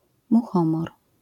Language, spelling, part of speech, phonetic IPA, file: Polish, muchomor, noun, [muˈxɔ̃mɔr], LL-Q809 (pol)-muchomor.wav